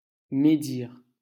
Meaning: to slander, to speak badly of
- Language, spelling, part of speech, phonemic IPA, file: French, médire, verb, /me.diʁ/, LL-Q150 (fra)-médire.wav